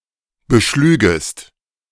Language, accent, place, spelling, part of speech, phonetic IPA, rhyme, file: German, Germany, Berlin, beschlügest, verb, [bəˈʃlyːɡəst], -yːɡəst, De-beschlügest.ogg
- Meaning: second-person singular subjunctive II of beschlagen